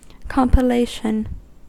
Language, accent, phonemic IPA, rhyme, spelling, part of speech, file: English, US, /ˌkɑm.pɪˈleɪ.ʃən/, -eɪʃən, compilation, noun, En-us-compilation.ogg
- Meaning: 1. The act or process of compiling or gathering together from various sources 2. That which is compiled; especially, a book or document composed of materials gathering from other books or documents